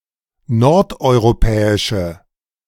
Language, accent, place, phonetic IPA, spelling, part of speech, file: German, Germany, Berlin, [ˈnɔʁtʔɔɪ̯ʁoˌpɛːɪʃə], nordeuropäische, adjective, De-nordeuropäische.ogg
- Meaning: inflection of nordeuropäisch: 1. strong/mixed nominative/accusative feminine singular 2. strong nominative/accusative plural 3. weak nominative all-gender singular